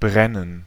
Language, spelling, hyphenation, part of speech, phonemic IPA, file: German, brennen, bren‧nen, verb, /ˈbʁɛnən/, De-brennen.ogg
- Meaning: 1. to burn; to light on fire 2. to burn; to be on fire 3. to have a strong affection for; to be affectionate 4. to be lit, to be on (of a light or lamp)